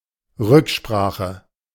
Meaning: consultation
- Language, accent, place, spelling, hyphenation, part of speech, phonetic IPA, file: German, Germany, Berlin, Rücksprache, Rück‧spra‧che, noun, [ˈʁʏkˌʃpʁaːχə], De-Rücksprache.ogg